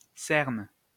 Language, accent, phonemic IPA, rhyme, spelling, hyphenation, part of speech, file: French, France, /sɛʁn/, -ɛʁn, cerne, cerne, noun / verb, LL-Q150 (fra)-cerne.wav
- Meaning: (noun) 1. dark bluish coloration around the eyes, periorbital dark circle 2. dark circle around a lesion 3. tree ring